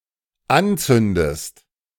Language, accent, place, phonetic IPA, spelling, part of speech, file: German, Germany, Berlin, [ˈanˌt͡sʏndəst], anzündest, verb, De-anzündest.ogg
- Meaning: inflection of anzünden: 1. second-person singular dependent present 2. second-person singular dependent subjunctive I